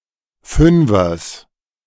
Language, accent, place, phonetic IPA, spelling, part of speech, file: German, Germany, Berlin, [ˈfʏnfɐs], Fünfers, noun, De-Fünfers.ogg
- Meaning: genitive singular of Fünfer